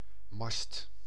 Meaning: 1. mast (pole on a ship, to which sails can be rigged) 2. mast, fodder for pigs or other animals made up of acorns and beechnuts
- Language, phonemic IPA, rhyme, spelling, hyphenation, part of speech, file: Dutch, /mɑst/, -ɑst, mast, mast, noun, Nl-mast.ogg